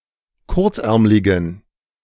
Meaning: inflection of kurzärmlig: 1. strong genitive masculine/neuter singular 2. weak/mixed genitive/dative all-gender singular 3. strong/weak/mixed accusative masculine singular 4. strong dative plural
- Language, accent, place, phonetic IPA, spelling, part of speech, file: German, Germany, Berlin, [ˈkʊʁt͡sˌʔɛʁmlɪɡn̩], kurzärmligen, adjective, De-kurzärmligen.ogg